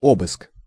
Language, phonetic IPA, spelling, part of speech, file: Russian, [ˈobɨsk], обыск, noun, Ru-обыск.ogg
- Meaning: search